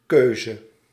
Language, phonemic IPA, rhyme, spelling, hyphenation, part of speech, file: Dutch, /ˈkøː.zə/, -øːzə, keuze, keu‧ze, noun, Nl-keuze.ogg
- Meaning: 1. choice (decision to choose something) 2. choice (range to choose from)